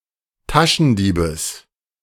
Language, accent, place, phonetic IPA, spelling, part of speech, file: German, Germany, Berlin, [ˈtaʃn̩ˌdiːbəs], Taschendiebes, noun, De-Taschendiebes.ogg
- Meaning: genitive singular of Taschendieb